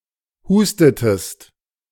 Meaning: inflection of husten: 1. second-person singular preterite 2. second-person singular subjunctive II
- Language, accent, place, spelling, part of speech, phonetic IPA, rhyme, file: German, Germany, Berlin, hustetest, verb, [ˈhuːstətəst], -uːstətəst, De-hustetest.ogg